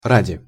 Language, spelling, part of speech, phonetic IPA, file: Russian, ради, preposition / postposition, [ˈradʲɪ], Ru-ради.ogg
- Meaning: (preposition) for the sake of